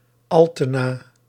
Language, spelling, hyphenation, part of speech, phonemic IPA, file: Dutch, Altena, Al‧te‧na, proper noun, /ˈɑl.tə.naː/, Nl-Altena.ogg
- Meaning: 1. Altena (a municipality of North Brabant, Netherlands) 2. a village in Noordenveld, Drenthe, Netherlands 3. a hamlet in Terneuzen, Zeeland, Netherlands 4. a surname